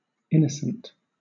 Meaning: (adjective) 1. Free from guilt, sin, or immorality 2. Bearing no legal responsibility for a wrongful act 3. Without wrongful intent; accidental or in good faith 4. Naive; artless
- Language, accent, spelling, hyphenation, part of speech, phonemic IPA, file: English, Southern England, innocent, in‧no‧cent, adjective / noun, /ˈɪnəsənt/, LL-Q1860 (eng)-innocent.wav